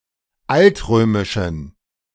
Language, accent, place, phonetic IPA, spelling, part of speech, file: German, Germany, Berlin, [ˈaltˌʁøːmɪʃn̩], altrömischen, adjective, De-altrömischen.ogg
- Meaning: inflection of altrömisch: 1. strong genitive masculine/neuter singular 2. weak/mixed genitive/dative all-gender singular 3. strong/weak/mixed accusative masculine singular 4. strong dative plural